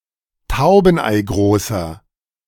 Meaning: inflection of taubeneigroß: 1. strong/mixed nominative masculine singular 2. strong genitive/dative feminine singular 3. strong genitive plural
- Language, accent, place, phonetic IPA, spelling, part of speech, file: German, Germany, Berlin, [ˈtaʊ̯bn̩ʔaɪ̯ˌɡʁoːsɐ], taubeneigroßer, adjective, De-taubeneigroßer.ogg